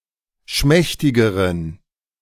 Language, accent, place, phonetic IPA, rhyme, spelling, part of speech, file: German, Germany, Berlin, [ˈʃmɛçtɪɡəʁən], -ɛçtɪɡəʁən, schmächtigeren, adjective, De-schmächtigeren.ogg
- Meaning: inflection of schmächtig: 1. strong genitive masculine/neuter singular comparative degree 2. weak/mixed genitive/dative all-gender singular comparative degree